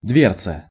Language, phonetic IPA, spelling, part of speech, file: Russian, [ˈdvʲert͡sə], дверца, noun, Ru-дверца.ogg
- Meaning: diminutive of дверь (dverʹ): door